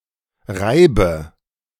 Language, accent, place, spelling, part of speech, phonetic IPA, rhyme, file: German, Germany, Berlin, reibe, verb, [ˈʁaɪ̯bə], -aɪ̯bə, De-reibe.ogg
- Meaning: inflection of reiben: 1. first-person singular present 2. first/third-person singular subjunctive I 3. singular imperative